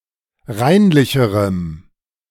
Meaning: strong dative masculine/neuter singular comparative degree of reinlich
- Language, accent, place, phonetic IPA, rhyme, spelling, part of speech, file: German, Germany, Berlin, [ˈʁaɪ̯nlɪçəʁəm], -aɪ̯nlɪçəʁəm, reinlicherem, adjective, De-reinlicherem.ogg